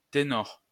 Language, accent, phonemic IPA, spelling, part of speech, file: French, France, /te.nɔʁ/, ténor, noun, LL-Q150 (fra)-ténor.wav
- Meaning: 1. tenor 2. big name, bigwig